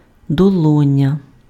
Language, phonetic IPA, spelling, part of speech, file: Ukrainian, [dɔˈɫɔnʲɐ], долоня, noun, Uk-долоня.ogg
- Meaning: palm